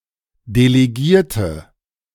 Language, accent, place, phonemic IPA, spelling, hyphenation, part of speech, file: German, Germany, Berlin, /deleˈɡiːɐ̯tə/, Delegierte, De‧le‧gier‧te, noun, De-Delegierte.ogg
- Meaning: 1. female equivalent of Delegierter: female delegate, female representative 2. inflection of Delegierter: strong nominative/accusative plural 3. inflection of Delegierter: weak nominative singular